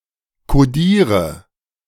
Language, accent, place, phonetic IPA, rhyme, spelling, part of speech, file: German, Germany, Berlin, [koˈdiːʁə], -iːʁə, kodiere, verb, De-kodiere.ogg
- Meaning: inflection of kodieren: 1. first-person singular present 2. first/third-person singular subjunctive I 3. singular imperative